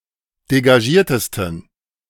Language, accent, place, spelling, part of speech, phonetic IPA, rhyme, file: German, Germany, Berlin, degagiertesten, adjective, [deɡaˈʒiːɐ̯təstn̩], -iːɐ̯təstn̩, De-degagiertesten.ogg
- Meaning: 1. superlative degree of degagiert 2. inflection of degagiert: strong genitive masculine/neuter singular superlative degree